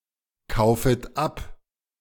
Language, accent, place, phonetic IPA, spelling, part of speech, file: German, Germany, Berlin, [ˌkaʊ̯fət ˈap], kaufet ab, verb, De-kaufet ab.ogg
- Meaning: second-person plural subjunctive I of abkaufen